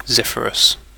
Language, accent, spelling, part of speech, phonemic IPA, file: English, UK, zephyrous, adjective, /ˈzɛfəɹəs/, En-uk-zephyrous.ogg
- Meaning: 1. Like a zephyr 2. Like a zephyr.: Soft, gentle, refreshing 3. Breezy; blown by a breeze 4. Light, fine, soft